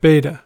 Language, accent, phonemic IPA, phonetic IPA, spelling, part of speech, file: English, US, /ˈbeɪtə/, [ˈbeɪɾə], beta, noun / adjective / verb, En-us-beta.ogg